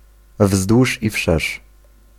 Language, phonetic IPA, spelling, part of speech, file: Polish, [ˈvzdwuʃ i‿ˈfʃɛʃ], wzdłuż i wszerz, adverbial phrase, Pl-wzdłuż i wszerz.ogg